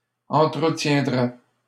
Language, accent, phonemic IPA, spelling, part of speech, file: French, Canada, /ɑ̃.tʁə.tjɛ̃.dʁɛ/, entretiendrais, verb, LL-Q150 (fra)-entretiendrais.wav
- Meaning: first/second-person singular conditional of entretenir